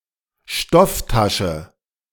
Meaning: textile bag, canvas tote bag, canvas bag
- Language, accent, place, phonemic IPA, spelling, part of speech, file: German, Germany, Berlin, /ˈʃtɔfˌtaʃə/, Stofftasche, noun, De-Stofftasche.ogg